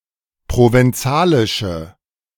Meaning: inflection of provenzalisch: 1. strong/mixed nominative/accusative feminine singular 2. strong nominative/accusative plural 3. weak nominative all-gender singular
- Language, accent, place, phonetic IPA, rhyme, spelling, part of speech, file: German, Germany, Berlin, [ˌpʁovɛnˈt͡saːlɪʃə], -aːlɪʃə, provenzalische, adjective, De-provenzalische.ogg